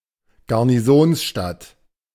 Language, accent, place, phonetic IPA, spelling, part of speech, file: German, Germany, Berlin, [ɡaʁniˈzoːnsˌʃtat], Garnisonsstadt, noun, De-Garnisonsstadt.ogg
- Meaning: garrison town